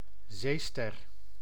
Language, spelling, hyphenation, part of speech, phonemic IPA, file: Dutch, zeester, zee‧ster, noun, /ˈzeː.stɛr/, Nl-zeester.ogg
- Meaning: a starfish, echinoderm of the class Asteroidea